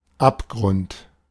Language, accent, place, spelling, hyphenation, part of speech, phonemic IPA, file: German, Germany, Berlin, Abgrund, Ab‧grund, noun, /ˈapˌɡʁʊnt/, De-Abgrund.ogg
- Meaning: abyss, precipice